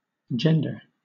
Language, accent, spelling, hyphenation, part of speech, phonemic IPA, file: English, Southern England, gender, gen‧der, noun / verb / adjective, /ˈd͡ʒɛndə/, LL-Q1860 (eng)-gender.wav
- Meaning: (noun) 1. Class; kind 2. Sex (a category, either male or female, into which sexually-reproducing organisms are divided on the basis of their reproductive roles in their species)